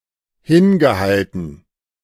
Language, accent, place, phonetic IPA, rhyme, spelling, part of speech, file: German, Germany, Berlin, [ˈhɪnɡəˌhaltn̩], -ɪnɡəhaltn̩, hingehalten, verb, De-hingehalten.ogg
- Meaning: past participle of hinhalten